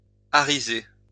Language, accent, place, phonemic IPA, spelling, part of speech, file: French, France, Lyon, /a.ʁi.ze/, ariser, verb, LL-Q150 (fra)-ariser.wav
- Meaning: alternative form of arriser